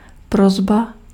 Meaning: request (informal act of requesting)
- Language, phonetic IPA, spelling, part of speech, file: Czech, [ˈprozba], prosba, noun, Cs-prosba.ogg